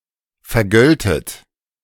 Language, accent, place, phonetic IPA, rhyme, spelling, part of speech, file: German, Germany, Berlin, [fɛɐ̯ˈɡœltət], -œltət, vergöltet, verb, De-vergöltet.ogg
- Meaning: second-person plural subjunctive II of vergelten